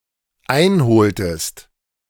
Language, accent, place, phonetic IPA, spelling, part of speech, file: German, Germany, Berlin, [ˈaɪ̯nˌhoːltəst], einholtest, verb, De-einholtest.ogg
- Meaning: inflection of einholen: 1. second-person singular dependent preterite 2. second-person singular dependent subjunctive II